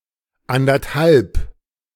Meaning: one and a half (1+¹⁄₂), sesqui-
- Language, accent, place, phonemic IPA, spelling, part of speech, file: German, Germany, Berlin, /andərthalb/, anderthalb, numeral, De-anderthalb.ogg